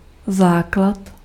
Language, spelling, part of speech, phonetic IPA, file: Czech, základ, noun, [ˈzaːklat], Cs-základ.ogg
- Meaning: 1. base (something from which other things extend; a foundation) 2. base (number raised to the power of an exponent) 3. basic (a necessary commodity, a staple requirement)